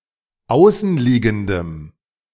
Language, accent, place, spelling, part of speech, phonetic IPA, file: German, Germany, Berlin, außenliegendem, adjective, [ˈaʊ̯sn̩ˌliːɡn̩dəm], De-außenliegendem.ogg
- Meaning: strong dative masculine/neuter singular of außenliegend